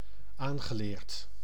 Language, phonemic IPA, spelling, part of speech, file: Dutch, /ˈanɣəˌlert/, aangeleerd, verb / adjective, Nl-aangeleerd.ogg
- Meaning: past participle of aanleren